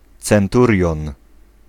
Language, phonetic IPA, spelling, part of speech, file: Polish, [t͡sɛ̃nˈturʲjɔ̃n], centurion, noun, Pl-centurion.ogg